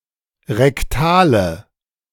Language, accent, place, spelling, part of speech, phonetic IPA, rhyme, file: German, Germany, Berlin, rektale, adjective, [ʁɛkˈtaːlə], -aːlə, De-rektale.ogg
- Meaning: inflection of rektal: 1. strong/mixed nominative/accusative feminine singular 2. strong nominative/accusative plural 3. weak nominative all-gender singular 4. weak accusative feminine/neuter singular